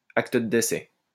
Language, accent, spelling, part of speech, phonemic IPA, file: French, France, acte de décès, noun, /ak.t(ə) də de.sɛ/, LL-Q150 (fra)-acte de décès.wav
- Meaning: death certificate (official document certifying the details of a person's death)